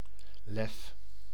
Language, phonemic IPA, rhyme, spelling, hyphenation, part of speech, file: Dutch, /lɛf/, -ɛf, lef, lef, noun, Nl-lef.ogg
- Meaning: 1. courage, bravery, daring 2. temerity, gall rashness, audacity 3. arrogance